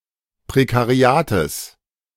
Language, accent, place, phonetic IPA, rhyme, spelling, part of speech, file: German, Germany, Berlin, [pʁekaˈʁi̯aːtəs], -aːtəs, Prekariates, noun, De-Prekariates.ogg
- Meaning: genitive singular of Prekariat